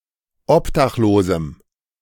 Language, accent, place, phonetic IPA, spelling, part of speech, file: German, Germany, Berlin, [ˈɔpdaxˌloːzm̩], obdachlosem, adjective, De-obdachlosem.ogg
- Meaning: strong dative masculine/neuter singular of obdachlos